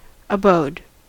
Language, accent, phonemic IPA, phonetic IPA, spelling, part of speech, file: English, US, /əˈboʊd/, [ʔəˈboʊːd̥̚], abode, noun / verb, En-us-abode.ogg
- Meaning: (noun) 1. Act of waiting; delay 2. Stay or continuance in a place; sojourn 3. A residence, dwelling or habitation; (verb) simple past and past participle of abide; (noun) An omen; a foretelling